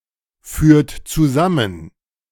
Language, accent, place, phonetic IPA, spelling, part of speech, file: German, Germany, Berlin, [ˌfyːɐ̯t t͡suˈzamən], führt zusammen, verb, De-führt zusammen.ogg
- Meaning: inflection of zusammenführen: 1. third-person singular present 2. second-person plural present 3. plural imperative